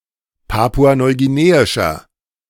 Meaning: inflection of papua-neuguineisch: 1. strong/mixed nominative masculine singular 2. strong genitive/dative feminine singular 3. strong genitive plural
- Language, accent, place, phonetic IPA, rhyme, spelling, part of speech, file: German, Germany, Berlin, [ˌpaːpuanɔɪ̯ɡiˈneːɪʃɐ], -eːɪʃɐ, papua-neuguineischer, adjective, De-papua-neuguineischer.ogg